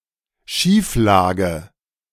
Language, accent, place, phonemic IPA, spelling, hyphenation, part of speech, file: German, Germany, Berlin, /ˈʃiːfˌlaːɡə/, Schieflage, Schief‧la‧ge, noun, De-Schieflage.ogg
- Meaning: 1. imbalance 2. slant